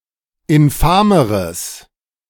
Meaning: strong/mixed nominative/accusative neuter singular comparative degree of infam
- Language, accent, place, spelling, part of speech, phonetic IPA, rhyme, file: German, Germany, Berlin, infameres, adjective, [ɪnˈfaːməʁəs], -aːməʁəs, De-infameres.ogg